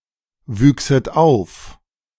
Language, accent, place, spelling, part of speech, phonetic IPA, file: German, Germany, Berlin, wüchset auf, verb, [ˌvyːksət ˈaʊ̯f], De-wüchset auf.ogg
- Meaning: second-person plural subjunctive II of aufwachsen